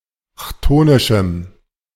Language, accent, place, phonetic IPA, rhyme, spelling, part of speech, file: German, Germany, Berlin, [ˈçtoːnɪʃm̩], -oːnɪʃm̩, chthonischem, adjective, De-chthonischem.ogg
- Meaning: strong dative masculine/neuter singular of chthonisch